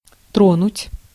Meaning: 1. to touch 2. to move (emotionally) 3. to bother, to annoy, to disturb 4. to start moving 5. to damage (e.g. of frost)
- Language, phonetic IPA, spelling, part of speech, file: Russian, [ˈtronʊtʲ], тронуть, verb, Ru-тронуть.ogg